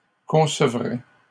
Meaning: third-person plural conditional of concevoir
- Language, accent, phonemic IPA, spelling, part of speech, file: French, Canada, /kɔ̃.sə.vʁɛ/, concevraient, verb, LL-Q150 (fra)-concevraient.wav